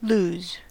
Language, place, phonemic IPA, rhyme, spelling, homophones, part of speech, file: English, California, /luz/, -uːz, lose, loos, verb / noun, En-us-lose.ogg
- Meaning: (verb) To cease to have (something) in one's possession or capability